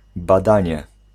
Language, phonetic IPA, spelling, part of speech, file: Polish, [baˈdãɲɛ], badanie, noun, Pl-badanie.ogg